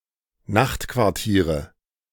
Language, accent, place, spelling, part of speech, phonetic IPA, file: German, Germany, Berlin, Nachtquartiere, noun, [ˈnaxtkvaʁˌtiːʁə], De-Nachtquartiere.ogg
- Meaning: nominative/accusative/genitive plural of Nachtquartier